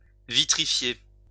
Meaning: 1. to vitrify 2. to make as solid as glass 3. to lacquer, give something a smooth, glassy finish
- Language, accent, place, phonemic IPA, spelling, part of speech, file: French, France, Lyon, /vi.tʁi.fje/, vitrifier, verb, LL-Q150 (fra)-vitrifier.wav